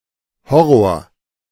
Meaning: horror
- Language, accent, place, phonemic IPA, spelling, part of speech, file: German, Germany, Berlin, /ˈhɔroːr/, Horror, noun, De-Horror.ogg